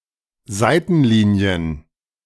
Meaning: plural of Seitenlinie
- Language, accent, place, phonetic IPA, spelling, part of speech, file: German, Germany, Berlin, [ˈzaɪ̯tn̩ˌliːni̯ən], Seitenlinien, noun, De-Seitenlinien.ogg